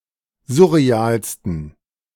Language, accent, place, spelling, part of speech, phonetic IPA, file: German, Germany, Berlin, surrealsten, adjective, [ˈzʊʁeˌaːlstn̩], De-surrealsten.ogg
- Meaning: 1. superlative degree of surreal 2. inflection of surreal: strong genitive masculine/neuter singular superlative degree